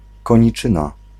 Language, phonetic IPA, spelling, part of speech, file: Polish, [ˌkɔ̃ɲiˈt͡ʃɨ̃na], koniczyna, noun, Pl-koniczyna.ogg